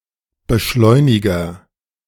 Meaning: agent noun of beschleunigen: 1. catalyst, activator, accelerant 2. accelerator
- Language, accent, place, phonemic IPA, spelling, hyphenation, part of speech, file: German, Germany, Berlin, /bəˈʃlɔɪ̯nɪɡɐ/, Beschleuniger, Be‧schleu‧ni‧ger, noun, De-Beschleuniger.ogg